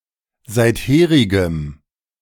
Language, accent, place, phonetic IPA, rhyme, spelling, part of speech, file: German, Germany, Berlin, [ˌzaɪ̯tˈheːʁɪɡəm], -eːʁɪɡəm, seitherigem, adjective, De-seitherigem.ogg
- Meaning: strong dative masculine/neuter singular of seitherig